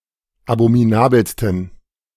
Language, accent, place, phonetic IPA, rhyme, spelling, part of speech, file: German, Germany, Berlin, [abomiˈnaːbl̩stn̩], -aːbl̩stn̩, abominabelsten, adjective, De-abominabelsten.ogg
- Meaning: 1. superlative degree of abominabel 2. inflection of abominabel: strong genitive masculine/neuter singular superlative degree